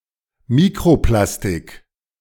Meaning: microplastic
- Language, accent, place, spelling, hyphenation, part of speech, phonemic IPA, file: German, Germany, Berlin, Mikroplastik, Mi‧kro‧plas‧tik, noun, /ˈmikʁoˌplastɪk/, De-Mikroplastik.ogg